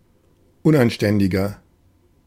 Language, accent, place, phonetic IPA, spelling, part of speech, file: German, Germany, Berlin, [ˈʊnʔanˌʃtɛndɪɡɐ], unanständiger, adjective, De-unanständiger.ogg
- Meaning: 1. comparative degree of unanständig 2. inflection of unanständig: strong/mixed nominative masculine singular 3. inflection of unanständig: strong genitive/dative feminine singular